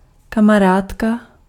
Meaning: female buddy
- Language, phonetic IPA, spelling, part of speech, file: Czech, [ˈkamaraːtka], kamarádka, noun, Cs-kamarádka.ogg